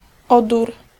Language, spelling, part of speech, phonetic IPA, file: Polish, odór, noun, [ˈɔdur], Pl-odór.ogg